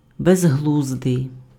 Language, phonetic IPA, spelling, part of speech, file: Ukrainian, [bezˈɦɫuzdei̯], безглуздий, adjective, Uk-безглуздий.ogg
- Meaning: foolish, silly, senseless